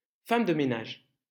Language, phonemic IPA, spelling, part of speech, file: French, /fam də me.naʒ/, femme de ménage, noun, LL-Q150 (fra)-femme de ménage.wav
- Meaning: cleaning lady, cleaning woman